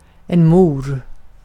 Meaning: mother
- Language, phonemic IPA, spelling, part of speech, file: Swedish, /muːr/, mor, noun, Sv-mor.ogg